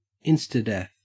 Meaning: instant death
- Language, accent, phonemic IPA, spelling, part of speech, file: English, Australia, /ˈɪnstəˌdɛθ/, instadeath, noun, En-au-instadeath.ogg